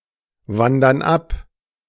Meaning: inflection of abwandern: 1. first/third-person plural present 2. first/third-person plural subjunctive I
- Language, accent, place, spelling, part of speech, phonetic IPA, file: German, Germany, Berlin, wandern ab, verb, [ˌvandɐn ˈap], De-wandern ab.ogg